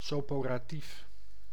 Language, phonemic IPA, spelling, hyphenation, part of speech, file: Dutch, /ˌsɔporaˈtif/, soporatief, so‧po‧ra‧tief, adjective, Nl-soporatief.ogg
- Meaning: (adjective) 1. soporific 2. boring, dry; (noun) a soporific